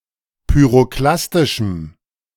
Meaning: strong dative masculine/neuter singular of pyroklastisch
- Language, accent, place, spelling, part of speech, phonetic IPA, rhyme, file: German, Germany, Berlin, pyroklastischem, adjective, [pyʁoˈklastɪʃm̩], -astɪʃm̩, De-pyroklastischem.ogg